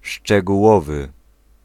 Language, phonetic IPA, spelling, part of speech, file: Polish, [ˌʃt͡ʃɛɡuˈwɔvɨ], szczegółowy, adjective, Pl-szczegółowy.ogg